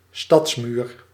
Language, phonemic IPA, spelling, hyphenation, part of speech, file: Dutch, /ˈstɑts.myːr/, stadsmuur, stads‧muur, noun, Nl-stadsmuur.ogg
- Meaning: city wall